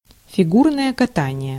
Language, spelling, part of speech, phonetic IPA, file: Russian, фигурное катание, noun, [fʲɪˈɡurnəjə kɐˈtanʲɪje], Ru-фигурное катание.ogg
- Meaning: figure skating (sport where people perform spins, jumps and other moves on ice)